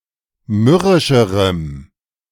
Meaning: strong dative masculine/neuter singular comparative degree of mürrisch
- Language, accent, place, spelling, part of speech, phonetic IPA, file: German, Germany, Berlin, mürrischerem, adjective, [ˈmʏʁɪʃəʁəm], De-mürrischerem.ogg